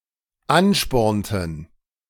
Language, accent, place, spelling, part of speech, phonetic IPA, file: German, Germany, Berlin, anspornten, verb, [ˈanˌʃpɔʁntn̩], De-anspornten.ogg
- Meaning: inflection of anspornen: 1. first/third-person plural dependent preterite 2. first/third-person plural dependent subjunctive II